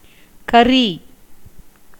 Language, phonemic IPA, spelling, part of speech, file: Tamil, /kɐriː/, கறி, verb / noun, Ta-கறி.ogg
- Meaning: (verb) to chew; eat by biting or nibbling; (noun) 1. curry 2. thick sauce 3. vegetables 4. meat 5. pepper (Piper nigrum); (verb) to be saltish to taste